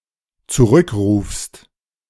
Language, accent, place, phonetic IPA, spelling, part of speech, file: German, Germany, Berlin, [t͡suˈʁʏkˌʁuːfst], zurückrufst, verb, De-zurückrufst.ogg
- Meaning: second-person singular dependent present of zurückrufen